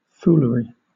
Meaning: Foolish behaviour or speech
- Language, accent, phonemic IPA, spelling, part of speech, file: English, Southern England, /ˈfuːləɹi/, foolery, noun, LL-Q1860 (eng)-foolery.wav